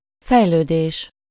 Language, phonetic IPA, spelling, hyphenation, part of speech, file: Hungarian, [ˈfɛjløːdeːʃ], fejlődés, fej‧lő‧dés, noun, Hu-fejlődés.ogg
- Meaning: 1. development, evolution 2. generation, formation (of gas etc.)